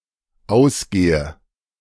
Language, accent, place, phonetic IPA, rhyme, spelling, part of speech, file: German, Germany, Berlin, [ˈaʊ̯sˌɡeːə], -aʊ̯sɡeːə, ausgehe, verb, De-ausgehe.ogg
- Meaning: inflection of ausgehen: 1. first-person singular dependent present 2. first/third-person singular dependent subjunctive I